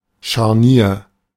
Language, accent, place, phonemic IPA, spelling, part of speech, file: German, Germany, Berlin, /ʃarˈniːr/, Scharnier, noun, De-Scharnier.ogg
- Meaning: hinge